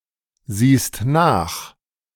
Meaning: second-person singular present of nachsehen
- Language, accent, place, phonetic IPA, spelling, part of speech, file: German, Germany, Berlin, [ˌziːst ˈnaːx], siehst nach, verb, De-siehst nach.ogg